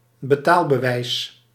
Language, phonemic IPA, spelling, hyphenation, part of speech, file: Dutch, /bəˈtaːl.bəˌʋɛi̯s/, betaalbewijs, be‧taal‧be‧wijs, noun, Nl-betaalbewijs.ogg
- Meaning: receipt, written attestation of the transfer of money or goods